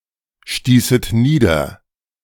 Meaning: second-person plural subjunctive II of niederstoßen
- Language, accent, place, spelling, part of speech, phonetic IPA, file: German, Germany, Berlin, stießet nieder, verb, [ˌʃtiːsət ˈniːdɐ], De-stießet nieder.ogg